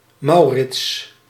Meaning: a male given name, equivalent to English Morris
- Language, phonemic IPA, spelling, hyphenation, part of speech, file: Dutch, /ˈmɑu̯rɪts/, Maurits, Mau‧rits, proper noun, Nl-Maurits.ogg